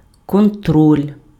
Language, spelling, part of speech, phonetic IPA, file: Ukrainian, контроль, noun, [kɔnˈtrɔlʲ], Uk-контроль.ogg
- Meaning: 1. control 2. checkup, checking, inspection, monitoring, supervision, verification